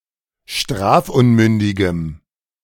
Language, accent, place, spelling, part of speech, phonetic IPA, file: German, Germany, Berlin, strafunmündigem, adjective, [ˈʃtʁaːfˌʔʊnmʏndɪɡəm], De-strafunmündigem.ogg
- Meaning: strong dative masculine/neuter singular of strafunmündig